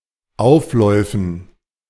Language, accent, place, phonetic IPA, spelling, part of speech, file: German, Germany, Berlin, [ˈaʊ̯fˌlɔɪ̯fən], Aufläufen, noun, De-Aufläufen.ogg
- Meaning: dative plural of Auflauf